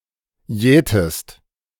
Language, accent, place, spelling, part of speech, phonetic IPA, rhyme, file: German, Germany, Berlin, jätest, verb, [ˈjɛːtəst], -ɛːtəst, De-jätest.ogg
- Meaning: inflection of jäten: 1. second-person singular present 2. second-person singular subjunctive I